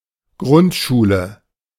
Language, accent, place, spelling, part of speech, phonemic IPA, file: German, Germany, Berlin, Grundschule, noun, /ˈɡʁʊntˌʃuːlə/, De-Grundschule.ogg
- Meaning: elementary school, primary school